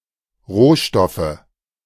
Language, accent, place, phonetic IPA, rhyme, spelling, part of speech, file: German, Germany, Berlin, [ˈʁoːˌʃtɔfə], -oːʃtɔfə, Rohstoffe, noun, De-Rohstoffe.ogg
- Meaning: nominative/accusative/genitive plural of Rohstoff